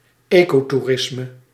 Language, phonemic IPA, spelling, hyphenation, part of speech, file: Dutch, /ˈeː.koː.tuˌrɪs.mə/, ecotoerisme, eco‧toe‧ris‧me, noun, Nl-ecotoerisme.ogg
- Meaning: ecotourism